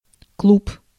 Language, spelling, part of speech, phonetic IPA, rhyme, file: Russian, клуб, noun, [kɫup], -up, Ru-клуб.ogg
- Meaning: 1. cloud, puff (of smoke, etc.) 2. a dense swarm (of insects or other animals) 3. lump, ball 4. club (association of members) 5. clubhouse 6. nightclub